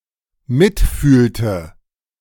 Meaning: inflection of mitfühlen: 1. first/third-person singular dependent preterite 2. first/third-person singular dependent subjunctive II
- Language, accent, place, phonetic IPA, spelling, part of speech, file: German, Germany, Berlin, [ˈmɪtˌfyːltə], mitfühlte, verb, De-mitfühlte.ogg